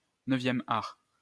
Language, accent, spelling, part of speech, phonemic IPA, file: French, France, neuvième art, noun, /nœ.vjɛm aʁ/, LL-Q150 (fra)-neuvième art.wav
- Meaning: comics, graphic novels, comic art